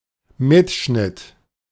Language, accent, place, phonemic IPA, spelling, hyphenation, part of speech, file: German, Germany, Berlin, /ˈmɪtˌʃnɪt/, Mitschnitt, Mit‧schnitt, noun, De-Mitschnitt.ogg
- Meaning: recording